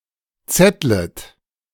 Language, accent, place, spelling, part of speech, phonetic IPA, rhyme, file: German, Germany, Berlin, zettlet, verb, [ˈt͡sɛtlət], -ɛtlət, De-zettlet.ogg
- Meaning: second-person plural subjunctive I of zetteln